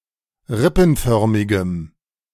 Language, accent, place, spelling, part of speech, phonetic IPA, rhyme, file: German, Germany, Berlin, rippenförmigem, adjective, [ˈʁɪpn̩ˌfœʁmɪɡəm], -ɪpn̩fœʁmɪɡəm, De-rippenförmigem.ogg
- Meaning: strong dative masculine/neuter singular of rippenförmig